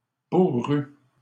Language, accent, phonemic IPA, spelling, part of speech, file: French, Canada, /bu.ʁy/, bourrues, adjective, LL-Q150 (fra)-bourrues.wav
- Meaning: feminine plural of bourru